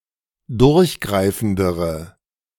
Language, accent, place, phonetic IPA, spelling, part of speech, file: German, Germany, Berlin, [ˈdʊʁçˌɡʁaɪ̯fn̩dəʁə], durchgreifendere, adjective, De-durchgreifendere.ogg
- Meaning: inflection of durchgreifend: 1. strong/mixed nominative/accusative feminine singular comparative degree 2. strong nominative/accusative plural comparative degree